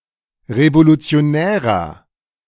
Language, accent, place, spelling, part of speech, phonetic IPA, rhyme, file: German, Germany, Berlin, revolutionärer, adjective, [ʁevolut͡si̯oˈnɛːʁɐ], -ɛːʁɐ, De-revolutionärer.ogg
- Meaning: 1. comparative degree of revolutionär 2. inflection of revolutionär: strong/mixed nominative masculine singular 3. inflection of revolutionär: strong genitive/dative feminine singular